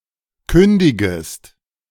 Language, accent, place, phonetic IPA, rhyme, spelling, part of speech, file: German, Germany, Berlin, [ˈkʏndɪɡəst], -ʏndɪɡəst, kündigest, verb, De-kündigest.ogg
- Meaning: second-person singular subjunctive I of kündigen